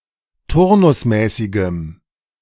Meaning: strong dative masculine/neuter singular of turnusmäßig
- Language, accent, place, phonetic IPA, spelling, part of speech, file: German, Germany, Berlin, [ˈtʊʁnʊsˌmɛːsɪɡəm], turnusmäßigem, adjective, De-turnusmäßigem.ogg